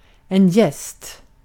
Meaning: a guest
- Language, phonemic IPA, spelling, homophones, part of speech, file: Swedish, /jɛst/, gäst, jäst, noun, Sv-gäst.ogg